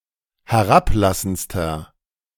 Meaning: inflection of herablassend: 1. strong/mixed nominative masculine singular superlative degree 2. strong genitive/dative feminine singular superlative degree 3. strong genitive plural superlative degree
- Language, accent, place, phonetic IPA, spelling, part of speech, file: German, Germany, Berlin, [hɛˈʁapˌlasn̩t͡stɐ], herablassendster, adjective, De-herablassendster.ogg